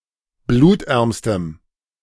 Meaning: strong dative masculine/neuter singular superlative degree of blutarm
- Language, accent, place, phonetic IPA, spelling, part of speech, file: German, Germany, Berlin, [ˈbluːtˌʔɛʁmstəm], blutärmstem, adjective, De-blutärmstem.ogg